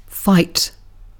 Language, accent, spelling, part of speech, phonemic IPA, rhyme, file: English, Received Pronunciation, fight, verb, /faɪt/, -aɪt, En-uk-fight.ogg
- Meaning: Senses relating to physical conflict: 1. To engage in combat with; to oppose physically, to contest with 2. To conduct or engage in (battle, warfare, a cause, etc.)